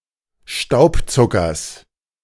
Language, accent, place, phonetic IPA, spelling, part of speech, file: German, Germany, Berlin, [ˈʃtaʊ̯pˌt͡sʊkɐs], Staubzuckers, noun, De-Staubzuckers.ogg
- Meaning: genitive singular of Staubzucker